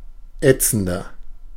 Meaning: 1. comparative degree of ätzend 2. inflection of ätzend: strong/mixed nominative masculine singular 3. inflection of ätzend: strong genitive/dative feminine singular
- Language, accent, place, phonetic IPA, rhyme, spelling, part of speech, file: German, Germany, Berlin, [ˈɛt͡sn̩dɐ], -ɛt͡sn̩dɐ, ätzender, adjective, De-ätzender.ogg